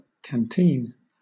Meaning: 1. A water bottle, flask, or other vessel, typically used by a soldier or camper as a bottle for carrying water or liquor for drink 2. A military mess kit
- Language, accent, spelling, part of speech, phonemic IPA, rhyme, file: English, Southern England, canteen, noun, /kænˈtiːn/, -iːn, LL-Q1860 (eng)-canteen.wav